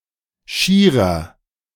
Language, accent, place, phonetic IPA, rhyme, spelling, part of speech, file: German, Germany, Berlin, [ˈʃiːʁɐ], -iːʁɐ, schierer, adjective, De-schierer.ogg
- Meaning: 1. comparative degree of schier 2. inflection of schier: strong/mixed nominative masculine singular 3. inflection of schier: strong genitive/dative feminine singular